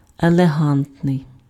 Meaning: elegant
- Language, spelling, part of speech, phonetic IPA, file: Ukrainian, елегантний, adjective, [eɫeˈɦantnei̯], Uk-елегантний.ogg